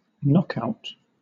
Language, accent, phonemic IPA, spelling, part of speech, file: English, Southern England, /ˈnɒk.aʊt/, knockout, noun / adjective, LL-Q1860 (eng)-knockout.wav
- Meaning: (noun) 1. The act of making one unconscious, or at least unable to come back on one's feet within a certain period of time; a TKO 2. The deactivation of anything